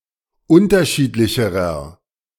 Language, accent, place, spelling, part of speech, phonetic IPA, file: German, Germany, Berlin, unterschiedlicherer, adjective, [ˈʊntɐˌʃiːtlɪçəʁɐ], De-unterschiedlicherer.ogg
- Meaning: inflection of unterschiedlich: 1. strong/mixed nominative masculine singular comparative degree 2. strong genitive/dative feminine singular comparative degree